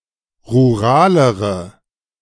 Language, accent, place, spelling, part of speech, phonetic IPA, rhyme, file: German, Germany, Berlin, ruralere, adjective, [ʁuˈʁaːləʁə], -aːləʁə, De-ruralere.ogg
- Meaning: inflection of rural: 1. strong/mixed nominative/accusative feminine singular comparative degree 2. strong nominative/accusative plural comparative degree